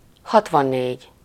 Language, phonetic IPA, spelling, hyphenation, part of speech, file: Hungarian, [ˈhɒtvɒnːeːɟ], hatvannégy, hat‧van‧négy, numeral, Hu-hatvannégy.ogg
- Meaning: sixty-four